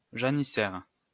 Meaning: janissary (soldier)
- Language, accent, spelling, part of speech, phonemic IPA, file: French, France, janissaire, noun, /ʒa.ni.sɛʁ/, LL-Q150 (fra)-janissaire.wav